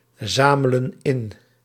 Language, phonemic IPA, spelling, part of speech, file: Dutch, /ˈzamələ(n) ˈɪn/, zamelen in, verb, Nl-zamelen in.ogg
- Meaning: inflection of inzamelen: 1. plural present indicative 2. plural present subjunctive